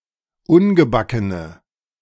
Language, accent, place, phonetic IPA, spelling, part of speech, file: German, Germany, Berlin, [ˈʊnɡəˌbakənə], ungebackene, adjective, De-ungebackene.ogg
- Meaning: inflection of ungebacken: 1. strong/mixed nominative/accusative feminine singular 2. strong nominative/accusative plural 3. weak nominative all-gender singular